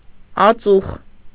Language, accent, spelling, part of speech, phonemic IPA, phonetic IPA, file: Armenian, Eastern Armenian, ածուխ, noun, /ɑˈt͡suχ/, [ɑt͡súχ], Hy-ածուխ.ogg
- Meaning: coal